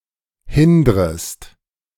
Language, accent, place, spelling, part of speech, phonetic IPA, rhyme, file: German, Germany, Berlin, hindrest, verb, [ˈhɪndʁəst], -ɪndʁəst, De-hindrest.ogg
- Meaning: second-person singular subjunctive I of hindern